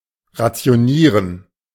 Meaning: to ration
- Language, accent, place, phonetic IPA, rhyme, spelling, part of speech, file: German, Germany, Berlin, [ʁat͡si̯oˈniːʁən], -iːʁən, rationieren, verb, De-rationieren.ogg